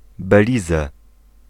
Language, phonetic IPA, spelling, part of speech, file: Polish, [bɛˈlʲizɛ], Belize, proper noun, Pl-Belize.ogg